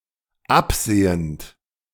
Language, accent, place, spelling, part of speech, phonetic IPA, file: German, Germany, Berlin, absehend, verb, [ˈapˌz̥eːənt], De-absehend.ogg
- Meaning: present participle of absehen